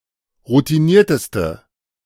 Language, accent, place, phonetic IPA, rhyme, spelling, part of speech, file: German, Germany, Berlin, [ʁutiˈniːɐ̯təstə], -iːɐ̯təstə, routinierteste, adjective, De-routinierteste.ogg
- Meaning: inflection of routiniert: 1. strong/mixed nominative/accusative feminine singular superlative degree 2. strong nominative/accusative plural superlative degree